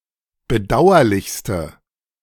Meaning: inflection of bedauerlich: 1. strong/mixed nominative/accusative feminine singular superlative degree 2. strong nominative/accusative plural superlative degree
- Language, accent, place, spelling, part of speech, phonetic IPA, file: German, Germany, Berlin, bedauerlichste, adjective, [bəˈdaʊ̯ɐlɪçstə], De-bedauerlichste.ogg